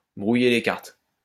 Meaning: to muddy the waters, to cloud the issue, to confuse the issue
- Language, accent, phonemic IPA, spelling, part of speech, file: French, France, /bʁu.je le kaʁt/, brouiller les cartes, verb, LL-Q150 (fra)-brouiller les cartes.wav